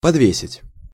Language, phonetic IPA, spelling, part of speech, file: Russian, [pɐdˈvʲesʲɪtʲ], подвесить, verb, Ru-подвесить.ogg
- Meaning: to hang up, to suspend